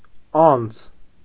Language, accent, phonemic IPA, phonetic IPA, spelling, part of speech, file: Armenian, Eastern Armenian, /ɑnd͡z/, [ɑnd͡z], անձ, noun, Hy-անձ.ogg
- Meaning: 1. person 2. entity 3. personality 4. fellow 5. bigwig